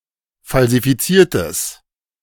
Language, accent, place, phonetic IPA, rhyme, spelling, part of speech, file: German, Germany, Berlin, [falzifiˈt͡siːɐ̯təs], -iːɐ̯təs, falsifiziertes, adjective, De-falsifiziertes.ogg
- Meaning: strong/mixed nominative/accusative neuter singular of falsifiziert